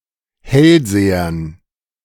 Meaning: dative plural of Hellseher
- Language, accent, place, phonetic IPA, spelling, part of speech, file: German, Germany, Berlin, [ˈhɛlˌzeːɐn], Hellsehern, noun, De-Hellsehern.ogg